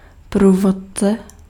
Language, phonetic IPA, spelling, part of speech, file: Czech, [ˈpruːvot͡sɛ], průvodce, noun, Cs-průvodce.ogg
- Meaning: 1. guide (someone who guides) 2. guide (document, book) 3. wizard (program or script used to simplify complex operations) 4. dative/locative singular of průvodka